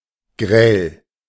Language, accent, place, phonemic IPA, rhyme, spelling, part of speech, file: German, Germany, Berlin, /ɡʁɛl/, -ɛl, grell, adjective, De-grell.ogg
- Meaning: 1. glaring, lurid (of light) 2. loud, garish (of colour) 3. shrill